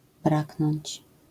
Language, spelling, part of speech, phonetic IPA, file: Polish, braknąć, verb, [ˈbraknɔ̃ɲt͡ɕ], LL-Q809 (pol)-braknąć.wav